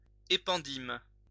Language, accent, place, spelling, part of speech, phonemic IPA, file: French, France, Lyon, épendyme, noun, /e.pɑ̃.dim/, LL-Q150 (fra)-épendyme.wav
- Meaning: ependyma